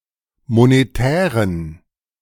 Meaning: inflection of monetär: 1. strong genitive masculine/neuter singular 2. weak/mixed genitive/dative all-gender singular 3. strong/weak/mixed accusative masculine singular 4. strong dative plural
- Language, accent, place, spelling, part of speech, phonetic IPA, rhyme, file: German, Germany, Berlin, monetären, adjective, [moneˈtɛːʁən], -ɛːʁən, De-monetären.ogg